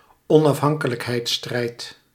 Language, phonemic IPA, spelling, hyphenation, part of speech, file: Dutch, /ɔn.ɑfˈɦɑŋ.kə.lək.ɦɛi̯tˌstrɛi̯t/, onafhankelijkheidsstrijd, on‧af‧han‧ke‧lijk‧heids‧strijd, noun, Nl-onafhankelijkheidsstrijd.ogg
- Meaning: struggle for independence